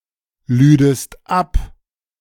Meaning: second-person singular subjunctive II of abladen
- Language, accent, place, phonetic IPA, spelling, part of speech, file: German, Germany, Berlin, [ˌlyːdəst ˈap], lüdest ab, verb, De-lüdest ab.ogg